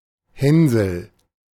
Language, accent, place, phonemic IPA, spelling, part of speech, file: German, Germany, Berlin, /ˈhɛnzl̩/, Hänsel, proper noun, De-Hänsel.ogg
- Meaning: 1. a diminutive of the male given names Hans and Johannes 2. Hansel, the boy in the fairy tale Hansel and Gretel